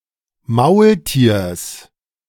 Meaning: genitive singular of Maultier
- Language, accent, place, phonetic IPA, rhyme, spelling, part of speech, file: German, Germany, Berlin, [ˈmaʊ̯lˌtiːɐ̯s], -aʊ̯ltiːɐ̯s, Maultiers, noun, De-Maultiers.ogg